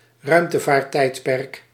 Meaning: space age
- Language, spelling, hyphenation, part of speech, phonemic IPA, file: Dutch, ruimtevaarttijdperk, ruim‧te‧vaart‧tijd‧perk, noun, /ˈrœy̯m.tə.vaːr(t)ˌtɛi̯t.pɛrk/, Nl-ruimtevaarttijdperk.ogg